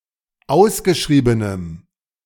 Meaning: strong dative masculine/neuter singular of ausgeschrieben
- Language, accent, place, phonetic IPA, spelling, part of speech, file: German, Germany, Berlin, [ˈaʊ̯sɡəˌʃʁiːbənəm], ausgeschriebenem, adjective, De-ausgeschriebenem.ogg